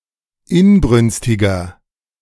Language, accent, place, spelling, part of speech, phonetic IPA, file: German, Germany, Berlin, inbrünstiger, adjective, [ˈɪnˌbʁʏnstɪɡɐ], De-inbrünstiger.ogg
- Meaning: 1. comparative degree of inbrünstig 2. inflection of inbrünstig: strong/mixed nominative masculine singular 3. inflection of inbrünstig: strong genitive/dative feminine singular